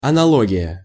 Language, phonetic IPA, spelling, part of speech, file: Russian, [ɐnɐˈɫoɡʲɪjə], аналогия, noun, Ru-аналогия.ogg
- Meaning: analogy